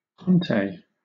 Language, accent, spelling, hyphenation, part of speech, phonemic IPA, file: English, Southern England, Conté, Con‧té, noun, /ˈkɒnteɪ/, LL-Q1860 (eng)-Conté.wav
- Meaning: A drawing medium, usually square in cross-section, composed of compressed powdered charcoal or graphite mixed with a clay or wax base